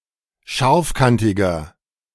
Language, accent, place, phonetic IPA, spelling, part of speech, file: German, Germany, Berlin, [ˈʃaʁfˌkantɪɡɐ], scharfkantiger, adjective, De-scharfkantiger.ogg
- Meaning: 1. comparative degree of scharfkantig 2. inflection of scharfkantig: strong/mixed nominative masculine singular 3. inflection of scharfkantig: strong genitive/dative feminine singular